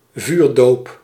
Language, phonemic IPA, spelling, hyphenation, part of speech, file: Dutch, /ˈvyːr.doːp/, vuurdoop, vuur‧doop, noun, Nl-vuurdoop.ogg
- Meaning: baptism by fire, baptism of fire (a trying ordeal as one's first experience, often as some kind of initiation)